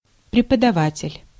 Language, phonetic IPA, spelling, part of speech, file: Russian, [prʲɪpədɐˈvatʲɪlʲ], преподаватель, noun, Ru-преподаватель.ogg
- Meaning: teacher, lecturer, instructor, professor (a person who teaches)